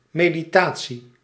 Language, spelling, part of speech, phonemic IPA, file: Dutch, meditatie, noun, /ˌmediˈta(t)si/, Nl-meditatie.ogg
- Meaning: meditation